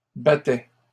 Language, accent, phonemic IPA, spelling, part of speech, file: French, Canada, /ba.tɛ/, battait, verb, LL-Q150 (fra)-battait.wav
- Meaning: third-person singular imperfect indicative of battre